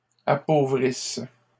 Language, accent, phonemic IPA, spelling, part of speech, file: French, Canada, /a.po.vʁis/, appauvrisse, verb, LL-Q150 (fra)-appauvrisse.wav
- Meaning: inflection of appauvrir: 1. first/third-person singular present subjunctive 2. first-person singular imperfect subjunctive